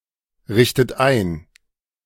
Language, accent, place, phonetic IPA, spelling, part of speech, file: German, Germany, Berlin, [ˌʁɪçtət ˈaɪ̯n], richtet ein, verb, De-richtet ein.ogg
- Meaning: inflection of einrichten: 1. third-person singular present 2. second-person plural present 3. second-person plural subjunctive I 4. plural imperative